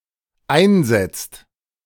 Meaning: inflection of einsetzen: 1. second/third-person singular dependent present 2. second-person plural dependent present
- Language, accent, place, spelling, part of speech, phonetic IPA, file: German, Germany, Berlin, einsetzt, verb, [ˈaɪ̯nˌzɛt͡st], De-einsetzt.ogg